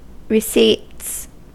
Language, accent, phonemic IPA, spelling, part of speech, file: English, US, /ɹɪˈsits/, receipts, noun / verb, En-us-receipts.ogg
- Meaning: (noun) plural of receipt; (verb) third-person singular simple present indicative of receipt